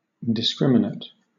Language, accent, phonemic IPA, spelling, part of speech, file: English, Southern England, /dɪˈskɹɪm.ɪ.nət/, discriminate, adjective, LL-Q1860 (eng)-discriminate.wav
- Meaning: Having its differences marked; distinguished by certain tokens